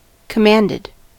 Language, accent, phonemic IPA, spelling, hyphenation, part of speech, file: English, US, /kəˈmændɪd/, commanded, com‧mand‧ed, verb, En-us-commanded.ogg
- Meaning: simple past and past participle of command